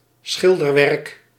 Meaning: 1. a painting 2. a paint job (that what has to be or has been painted)
- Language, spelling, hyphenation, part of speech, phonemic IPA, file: Dutch, schilderwerk, schil‧der‧werk, noun, /ˈsxɪl.dərˌʋɛrk/, Nl-schilderwerk.ogg